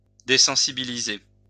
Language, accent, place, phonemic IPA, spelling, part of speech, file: French, France, Lyon, /de.sɑ̃.si.bi.li.ze/, désensibiliser, verb, LL-Q150 (fra)-désensibiliser.wav
- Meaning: to desensitize